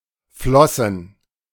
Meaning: plural of Flosse
- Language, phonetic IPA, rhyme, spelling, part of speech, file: German, [ˈflɔsn̩], -ɔsn̩, Flossen, noun, De-Flossen.ogg